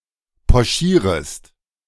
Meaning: second-person singular subjunctive I of pochieren
- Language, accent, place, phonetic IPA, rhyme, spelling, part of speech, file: German, Germany, Berlin, [pɔˈʃiːʁəst], -iːʁəst, pochierest, verb, De-pochierest.ogg